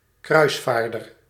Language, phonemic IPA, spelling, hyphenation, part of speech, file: Dutch, /ˈkrœy̯sˌfaːr.dər/, kruisvaarder, kruis‧vaar‧der, noun, Nl-kruisvaarder.ogg
- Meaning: crusader (a fighter in the mediaeval crusades)